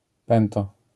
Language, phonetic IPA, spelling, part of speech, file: Polish, [ˈpɛ̃ntɔ], pęto, noun, LL-Q809 (pol)-pęto.wav